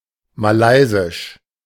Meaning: Malaysian
- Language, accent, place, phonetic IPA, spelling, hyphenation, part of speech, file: German, Germany, Berlin, [maˈlaɪ̯zɪʃ], malaysisch, ma‧lay‧sisch, adjective, De-malaysisch.ogg